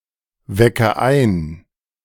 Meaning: inflection of einwecken: 1. first-person singular present 2. first/third-person singular subjunctive I 3. singular imperative
- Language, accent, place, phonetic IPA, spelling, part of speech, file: German, Germany, Berlin, [ˌvɛkə ˈaɪ̯n], wecke ein, verb, De-wecke ein.ogg